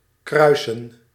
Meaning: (verb) 1. to cross, intersect 2. to breed (to arrange the mating of specific animals or plants); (noun) plural of kruis
- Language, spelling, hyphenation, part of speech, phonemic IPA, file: Dutch, kruisen, krui‧sen, verb / noun, /ˈkrœy̯sə(n)/, Nl-kruisen.ogg